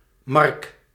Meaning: 1. a male given name, equivalent to English Mark 2. a hamlet in West Betuwe, Gelderland, Netherlands
- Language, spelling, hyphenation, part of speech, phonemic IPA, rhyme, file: Dutch, Mark, Mark, proper noun, /mɑrk/, -ɑrk, Nl-Mark.ogg